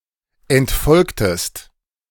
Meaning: inflection of entfolgen: 1. second-person singular preterite 2. second-person singular subjunctive II
- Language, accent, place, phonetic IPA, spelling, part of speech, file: German, Germany, Berlin, [ɛntˈfɔlktəst], entfolgtest, verb, De-entfolgtest.ogg